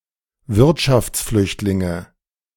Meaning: nominative/accusative/genitive plural of Wirtschaftsflüchtling
- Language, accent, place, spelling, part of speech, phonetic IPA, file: German, Germany, Berlin, Wirtschaftsflüchtlinge, noun, [ˈvɪʁtʃaft͡sˌflʏçtlɪŋə], De-Wirtschaftsflüchtlinge.ogg